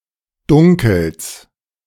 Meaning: genitive singular of Dunkel
- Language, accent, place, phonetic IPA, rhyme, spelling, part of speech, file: German, Germany, Berlin, [ˈdʊŋkl̩s], -ʊŋkl̩s, Dunkels, noun, De-Dunkels.ogg